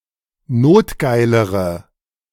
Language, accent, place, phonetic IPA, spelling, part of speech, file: German, Germany, Berlin, [ˈnoːtˌɡaɪ̯ləʁə], notgeilere, adjective, De-notgeilere.ogg
- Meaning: inflection of notgeil: 1. strong/mixed nominative/accusative feminine singular comparative degree 2. strong nominative/accusative plural comparative degree